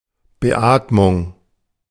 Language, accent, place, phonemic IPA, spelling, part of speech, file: German, Germany, Berlin, /bəˈʔaːtmʊŋ/, Beatmung, noun, De-Beatmung.ogg
- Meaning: artificial respiration, ventilation